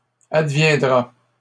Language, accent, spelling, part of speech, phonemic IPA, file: French, Canada, adviendra, verb, /ad.vjɛ̃.dʁa/, LL-Q150 (fra)-adviendra.wav
- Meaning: third-person singular simple future of advenir